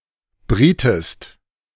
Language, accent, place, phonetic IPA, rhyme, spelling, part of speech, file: German, Germany, Berlin, [ˈbʁiːtəst], -iːtəst, brietest, verb, De-brietest.ogg
- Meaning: inflection of braten: 1. second-person singular preterite 2. second-person singular subjunctive II